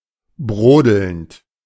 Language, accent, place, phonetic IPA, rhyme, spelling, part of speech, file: German, Germany, Berlin, [ˈbʁoːdl̩nt], -oːdl̩nt, brodelnd, verb, De-brodelnd.ogg
- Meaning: present participle of brodeln